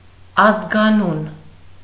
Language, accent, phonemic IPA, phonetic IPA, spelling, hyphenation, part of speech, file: Armenian, Eastern Armenian, /ɑzɡɑˈnun/, [ɑzɡɑnún], ազգանուն, ազ‧գա‧նուն, noun, Hy-ազգանուն.ogg
- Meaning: surname, family name, last name